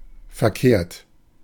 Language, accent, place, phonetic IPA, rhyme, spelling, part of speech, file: German, Germany, Berlin, [fɛɐ̯ˈkeːɐ̯t], -eːɐ̯t, verkehrt, adjective / verb, De-verkehrt.ogg
- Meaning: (verb) past participle of verkehren; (adjective) wrong